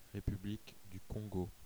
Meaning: Republic of the Congo (a country in Central Africa, the smaller of the two countries named Congo)
- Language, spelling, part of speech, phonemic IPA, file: French, République du Congo, proper noun, /ʁe.py.blik dy kɔ̃.ɡo/, Fr-République du Congo.ogg